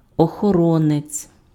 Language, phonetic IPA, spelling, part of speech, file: Ukrainian, [ɔxɔˈrɔnet͡sʲ], охоронець, noun, Uk-охоронець.ogg
- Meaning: 1. guard, watcher 2. bodyguard 3. guardian